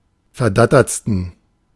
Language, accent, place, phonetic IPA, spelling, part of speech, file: German, Germany, Berlin, [fɛɐ̯ˈdatɐt͡stn̩], verdattertsten, adjective, De-verdattertsten.ogg
- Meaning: 1. superlative degree of verdattert 2. inflection of verdattert: strong genitive masculine/neuter singular superlative degree